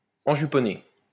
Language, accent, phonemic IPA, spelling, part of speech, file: French, France, /ɑ̃.ʒy.pɔ.ne/, enjuponné, verb, LL-Q150 (fra)-enjuponné.wav
- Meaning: past participle of enjuponner